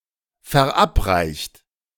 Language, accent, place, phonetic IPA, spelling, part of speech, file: German, Germany, Berlin, [fɛɐ̯ˈʔapˌʁaɪ̯çt], verabreicht, verb, De-verabreicht.ogg
- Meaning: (verb) past participle of verabreichen; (adjective) administered